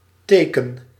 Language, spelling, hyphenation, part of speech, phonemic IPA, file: Dutch, teken, te‧ken, noun / verb, /ˈteː.kə(n)/, Nl-teken.ogg
- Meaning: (noun) 1. sign, indication, mark 2. sign, symbol 3. character 4. plural of teek; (verb) inflection of tekenen: 1. first-person singular present indicative 2. second-person singular present indicative